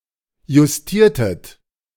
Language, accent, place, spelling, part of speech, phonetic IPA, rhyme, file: German, Germany, Berlin, justiertet, verb, [jʊsˈtiːɐ̯tət], -iːɐ̯tət, De-justiertet.ogg
- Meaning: inflection of justieren: 1. second-person plural preterite 2. second-person plural subjunctive II